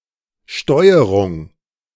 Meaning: 1. control 2. steering
- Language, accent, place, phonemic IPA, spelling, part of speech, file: German, Germany, Berlin, /ˈʃtɔɪ̯əʁʊŋ/, Steuerung, noun, De-Steuerung.ogg